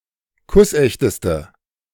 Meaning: inflection of kussecht: 1. strong/mixed nominative/accusative feminine singular superlative degree 2. strong nominative/accusative plural superlative degree
- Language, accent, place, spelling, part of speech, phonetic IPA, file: German, Germany, Berlin, kussechteste, adjective, [ˈkʊsˌʔɛçtəstə], De-kussechteste.ogg